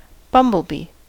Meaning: 1. Any of several species of large bee in the genus Bombus 2. A mid yellow, sometimes slightly orange 3. A layered drink with ice whose main ingredients are orange juice and espresso coffee
- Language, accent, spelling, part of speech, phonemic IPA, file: English, US, bumblebee, noun, /ˈbʌmbəlˌbiː/, En-us-bumblebee.ogg